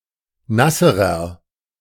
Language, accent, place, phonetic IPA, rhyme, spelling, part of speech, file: German, Germany, Berlin, [ˈnasəʁɐ], -asəʁɐ, nasserer, adjective, De-nasserer.ogg
- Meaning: inflection of nass: 1. strong/mixed nominative masculine singular comparative degree 2. strong genitive/dative feminine singular comparative degree 3. strong genitive plural comparative degree